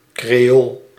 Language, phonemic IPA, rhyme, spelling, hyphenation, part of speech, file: Dutch, /kreːˈoːl/, -oːl, creool, cre‧ool, noun, Nl-creool.ogg
- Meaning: 1. in present-day Suriname and various parts of South and Central America, any descendant of African slaves 2. a Creole, a member of a (Latin) American ethno-cultural group of colonial Iberian blood